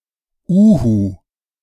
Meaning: 1. Eurasian eagle owl, Bubo bubo (bird, owl species) 2. liquid glue for domestic use
- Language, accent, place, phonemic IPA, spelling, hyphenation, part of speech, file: German, Germany, Berlin, /ˈuːhu/, Uhu, Uhu, noun, De-Uhu.ogg